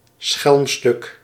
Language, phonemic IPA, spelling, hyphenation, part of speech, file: Dutch, /ˈsxɛlm.stʏk/, schelmstuk, schelm‧stuk, noun, Nl-schelmstuk.ogg
- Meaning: knavery, roguish act